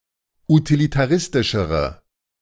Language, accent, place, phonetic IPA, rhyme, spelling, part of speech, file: German, Germany, Berlin, [utilitaˈʁɪstɪʃəʁə], -ɪstɪʃəʁə, utilitaristischere, adjective, De-utilitaristischere.ogg
- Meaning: inflection of utilitaristisch: 1. strong/mixed nominative/accusative feminine singular comparative degree 2. strong nominative/accusative plural comparative degree